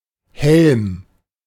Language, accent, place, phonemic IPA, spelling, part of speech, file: German, Germany, Berlin, /hɛlm/, Helm, noun, De-Helm.ogg
- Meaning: 1. helmet 2. helm roof 3. helmet, as shown above a coat of arms